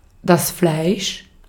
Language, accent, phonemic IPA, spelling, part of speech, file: German, Austria, /flaɪ̯ʃ/, Fleisch, noun, De-at-Fleisch.ogg
- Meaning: 1. flesh 2. meat 3. pulp (of fruit) 4. a slab of meat, meat which is not in the form of a sausage